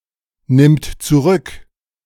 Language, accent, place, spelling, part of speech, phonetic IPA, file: German, Germany, Berlin, nimmt zurück, verb, [ˌnɪmt t͡suˈʁʏk], De-nimmt zurück.ogg
- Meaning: third-person singular present of zurücknehmen